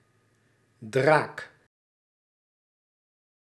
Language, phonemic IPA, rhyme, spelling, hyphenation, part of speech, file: Dutch, /draːk/, -aːk, draak, draak, noun, Nl-draak.ogg
- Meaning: 1. dragon (a mythical reptilian or serpentine creature) 2. hag, shrew, bitch (unpleasant, unattractive woman) 3. Something formidable and very dangerous